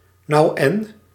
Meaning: so what (reply of indifference)
- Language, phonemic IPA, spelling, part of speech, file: Dutch, /nɑu̯ ˈɛn/, nou en, interjection, Nl-nou en.ogg